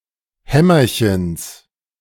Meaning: genitive of Hämmerchen
- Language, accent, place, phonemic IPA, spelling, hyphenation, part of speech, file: German, Germany, Berlin, /ˈhɛ.mɐ.çəns/, Hämmerchens, Häm‧mer‧chens, noun, De-Hämmerchens.ogg